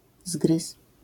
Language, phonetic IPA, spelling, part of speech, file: Polish, [zɡrɨs], zgryz, noun, LL-Q809 (pol)-zgryz.wav